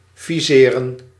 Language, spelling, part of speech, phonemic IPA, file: Dutch, viseren, verb, /vi.ˈse.rə(n)/, Nl-viseren.ogg
- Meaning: 1. to aim (with a gun) 2. to target, to direct aim at 3. to issue with a visa or to grant a passport